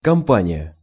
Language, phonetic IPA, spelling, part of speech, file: Russian, [kɐmˈpanʲɪjə], кампания, noun, Ru-кампания.ogg
- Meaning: 1. campaign (series of operations undertaken to achieve a set goal) 2. crusade 3. sequence of military operations pursuing some goal